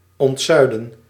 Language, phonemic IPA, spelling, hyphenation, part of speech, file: Dutch, /ˌɔntˈzœy̯.lə(n)/, ontzuilen, ont‧zui‧len, verb, Nl-ontzuilen.ogg
- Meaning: to depillarize, to remove pillars as a form of societal organisation